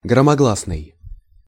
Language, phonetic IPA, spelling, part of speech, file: Russian, [ɡrəmɐˈɡɫasnɨj], громогласный, adjective, Ru-громогласный.ogg
- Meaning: loud, loud-voiced, public